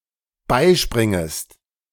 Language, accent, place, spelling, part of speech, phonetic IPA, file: German, Germany, Berlin, beispringest, verb, [ˈbaɪ̯ˌʃpʁɪŋəst], De-beispringest.ogg
- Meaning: second-person singular dependent subjunctive I of beispringen